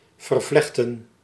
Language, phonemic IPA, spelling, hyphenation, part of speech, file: Dutch, /ˌvərˈvlɛx.tə(n)/, vervlechten, ver‧vlech‧ten, verb, Nl-vervlechten.ogg
- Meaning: 1. to braid together, to interweave 2. to connect together